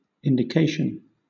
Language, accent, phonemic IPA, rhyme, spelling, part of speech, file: English, Southern England, /ɪndɪˈkeɪʃən/, -eɪʃən, indication, noun, LL-Q1860 (eng)-indication.wav
- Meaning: 1. An act of pointing out or indicating 2. A fact that shows that something exists or may happen 3. A mark or another symbol used to represent something 4. A discovery made; information